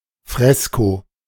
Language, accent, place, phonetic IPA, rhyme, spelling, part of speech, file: German, Germany, Berlin, [ˈfʁɛsko], -ɛsko, Fresko, noun, De-Fresko.ogg
- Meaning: fresco